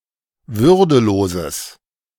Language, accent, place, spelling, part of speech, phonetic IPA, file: German, Germany, Berlin, würdeloses, adjective, [ˈvʏʁdəˌloːzəs], De-würdeloses.ogg
- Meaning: strong/mixed nominative/accusative neuter singular of würdelos